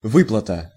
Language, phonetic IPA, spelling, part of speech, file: Russian, [ˈvɨpɫətə], выплата, noun, Ru-выплата.ogg
- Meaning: payout (an amount of money paid out or an act of paying out)